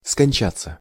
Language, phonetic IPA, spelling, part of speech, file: Russian, [skɐnʲˈt͡ɕat͡sːə], скончаться, verb, Ru-скончаться.ogg
- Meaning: to pass away (to die, to stop living)